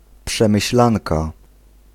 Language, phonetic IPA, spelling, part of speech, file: Polish, [ˌpʃɛ̃mɨɕˈlãnka], przemyślanka, noun, Pl-przemyślanka.ogg